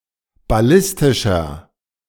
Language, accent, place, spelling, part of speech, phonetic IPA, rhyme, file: German, Germany, Berlin, ballistischer, adjective, [baˈlɪstɪʃɐ], -ɪstɪʃɐ, De-ballistischer.ogg
- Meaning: 1. comparative degree of ballistisch 2. inflection of ballistisch: strong/mixed nominative masculine singular 3. inflection of ballistisch: strong genitive/dative feminine singular